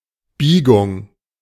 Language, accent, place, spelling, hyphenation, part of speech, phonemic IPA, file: German, Germany, Berlin, Biegung, Bie‧gung, noun, /ˈbiːɡʊŋ/, De-Biegung.ogg
- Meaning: 1. bend; curve 2. inflection